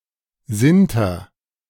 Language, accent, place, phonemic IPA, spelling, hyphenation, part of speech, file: German, Germany, Berlin, /ˈzɪntər/, Sinter, Sin‧ter, noun, De-Sinter.ogg
- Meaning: sinter